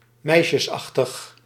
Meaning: girlish, girly, girllike
- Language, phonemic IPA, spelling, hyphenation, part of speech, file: Dutch, /ˈmɛi̯.ʃəsˌɑx.təx/, meisjesachtig, meis‧jes‧ach‧tig, adjective, Nl-meisjesachtig.ogg